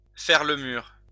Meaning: to play truant, to play hooky, to skip class, to ditch, to bunk
- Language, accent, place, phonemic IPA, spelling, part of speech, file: French, France, Lyon, /fɛʁ lə myʁ/, faire le mur, verb, LL-Q150 (fra)-faire le mur.wav